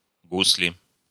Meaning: 1. gusli 2. nominative/accusative plural of гусль (guslʹ)
- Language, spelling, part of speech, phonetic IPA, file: Russian, гусли, noun, [ˈɡus⁽ʲ⁾lʲɪ], Ru-гусли.ogg